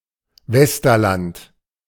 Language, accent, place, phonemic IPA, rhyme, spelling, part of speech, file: German, Germany, Berlin, /ˈvɛstɐˌlant/, -ant, Westerland, proper noun, De-Westerland.ogg
- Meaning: Westerland (a town in Sylt, Schleswig-Holstein, Germany)